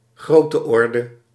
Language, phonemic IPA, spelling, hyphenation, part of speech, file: Dutch, /ˈɣroː.təˌɔr.də/, grootteorde, groot‧te‧or‧de, noun, Nl-grootteorde.ogg
- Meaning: order of magnitude